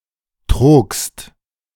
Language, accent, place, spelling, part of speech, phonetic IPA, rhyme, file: German, Germany, Berlin, trogst, verb, [tʁoːkst], -oːkst, De-trogst.ogg
- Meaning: second-person singular preterite of trügen